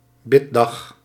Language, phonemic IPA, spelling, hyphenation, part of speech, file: Dutch, /ˈbɪ.dɑx/, biddag, bid‧dag, noun, Nl-biddag.ogg
- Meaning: day of prayer